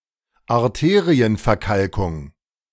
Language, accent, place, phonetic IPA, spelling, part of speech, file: German, Germany, Berlin, [aʁˈteːʁiənfɛɐ̯ˌkalkʊŋ], Arterienverkalkung, noun, De-Arterienverkalkung.ogg
- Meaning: arteriosclerosis (hardening of the arteries)